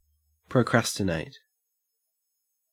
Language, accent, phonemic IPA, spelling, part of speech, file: English, Australia, /pɹəˈkɹæs.tɪ.næɪt/, procrastinate, verb, En-au-procrastinate.ogg
- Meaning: 1. To delay taking action; to wait until later 2. To put off; to delay (something)